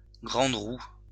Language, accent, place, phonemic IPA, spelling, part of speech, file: French, France, Lyon, /ɡʁɑ̃d ʁu/, grande roue, noun, LL-Q150 (fra)-grande roue.wav
- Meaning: Ferris wheel (an amusement ride consisting of an upright rotating wheel having seats that remain in a horizontal position as the wheel revolves)